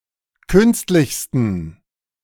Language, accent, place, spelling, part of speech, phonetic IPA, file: German, Germany, Berlin, künstlichsten, adjective, [ˈkʏnstlɪçstn̩], De-künstlichsten.ogg
- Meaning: 1. superlative degree of künstlich 2. inflection of künstlich: strong genitive masculine/neuter singular superlative degree